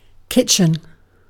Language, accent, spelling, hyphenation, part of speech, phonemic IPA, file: English, Received Pronunciation, kitchen, kit‧chen, noun / verb, /ˈkɪt͡ʃ(ɪ)n/, En-uk-kitchen.ogg
- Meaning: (noun) 1. A room or area for preparing food 2. Cuisine; style of cooking 3. The nape of a person's hairline, often referring to its uncombed or "nappy" look 4. The percussion section of an orchestra